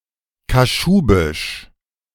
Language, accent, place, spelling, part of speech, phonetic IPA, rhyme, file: German, Germany, Berlin, Kaschubisch, noun, [kaˈʃuːbɪʃ], -uːbɪʃ, De-Kaschubisch.ogg
- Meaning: Kashubian (Slavic language spoken in the Pomeranian region of Poland)